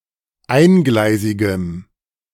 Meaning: strong dative masculine/neuter singular of eingleisig
- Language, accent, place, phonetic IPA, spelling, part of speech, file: German, Germany, Berlin, [ˈaɪ̯nˌɡlaɪ̯zɪɡəm], eingleisigem, adjective, De-eingleisigem.ogg